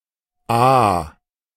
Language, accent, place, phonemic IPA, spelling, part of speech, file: German, Germany, Berlin, /a/, a-, prefix, De-a-.ogg
- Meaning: a- (not, without, opposite of)